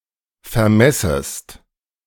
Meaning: second-person singular subjunctive I of vermessen
- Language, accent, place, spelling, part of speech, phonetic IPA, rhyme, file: German, Germany, Berlin, vermessest, verb, [fɛɐ̯ˈmɛsəst], -ɛsəst, De-vermessest.ogg